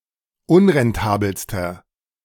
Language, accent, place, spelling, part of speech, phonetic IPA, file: German, Germany, Berlin, unrentabelster, adjective, [ˈʊnʁɛnˌtaːbl̩stɐ], De-unrentabelster.ogg
- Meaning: inflection of unrentabel: 1. strong/mixed nominative masculine singular superlative degree 2. strong genitive/dative feminine singular superlative degree 3. strong genitive plural superlative degree